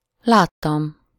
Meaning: 1. first-person singular indicative past indefinite of lát 2. first-person singular indicative past definite of lát
- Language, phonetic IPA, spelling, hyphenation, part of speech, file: Hungarian, [ˈlaːtːɒm], láttam, lát‧tam, verb, Hu-láttam.ogg